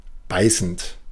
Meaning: present participle of beißen
- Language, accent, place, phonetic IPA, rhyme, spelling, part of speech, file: German, Germany, Berlin, [ˈbaɪ̯sn̩t], -aɪ̯sn̩t, beißend, adjective / verb, De-beißend.ogg